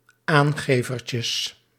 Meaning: plural of aangevertje
- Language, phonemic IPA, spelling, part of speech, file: Dutch, /ˈaŋɣeˌvərcəs/, aangevertjes, noun, Nl-aangevertjes.ogg